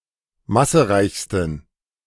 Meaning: 1. superlative degree of massereich 2. inflection of massereich: strong genitive masculine/neuter singular superlative degree
- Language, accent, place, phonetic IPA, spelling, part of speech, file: German, Germany, Berlin, [ˈmasəˌʁaɪ̯çstn̩], massereichsten, adjective, De-massereichsten.ogg